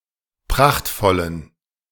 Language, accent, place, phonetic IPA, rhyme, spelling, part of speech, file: German, Germany, Berlin, [ˈpʁaxtfɔlən], -axtfɔlən, prachtvollen, adjective, De-prachtvollen.ogg
- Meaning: inflection of prachtvoll: 1. strong genitive masculine/neuter singular 2. weak/mixed genitive/dative all-gender singular 3. strong/weak/mixed accusative masculine singular 4. strong dative plural